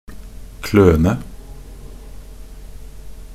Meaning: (verb) 1. to scratch (to dig or scrape with claws or fingernails) 2. to work clumsily (in a clumsy or klutzy manner or way; without care or finesse, often hurriedly or awkwardly)
- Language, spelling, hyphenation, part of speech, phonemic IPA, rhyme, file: Norwegian Bokmål, kløne, klø‧ne, verb / noun, /ˈkløːnə/, -øːnə, Nb-kløne.ogg